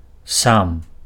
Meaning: self, -self
- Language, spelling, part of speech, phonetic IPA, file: Belarusian, сам, pronoun, [sam], Be-сам.ogg